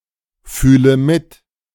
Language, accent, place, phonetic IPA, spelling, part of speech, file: German, Germany, Berlin, [ˌfyːlə ˈmɪt], fühle mit, verb, De-fühle mit.ogg
- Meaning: inflection of mitfühlen: 1. first-person singular present 2. first/third-person singular subjunctive I 3. singular imperative